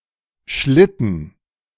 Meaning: 1. sled, sledge, sleigh (any vehicle moving over snow or ice on parallel skids) 2. any construction that slides on skids or rails 3. a large, usually expensive car
- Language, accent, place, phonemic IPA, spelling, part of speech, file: German, Germany, Berlin, /ˈʃlɪtən/, Schlitten, noun, De-Schlitten.ogg